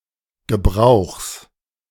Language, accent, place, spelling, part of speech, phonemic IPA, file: German, Germany, Berlin, Gebrauchs, noun, /ɡəˈbʁaʊ̯xs/, De-Gebrauchs.ogg
- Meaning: genitive singular of Gebrauch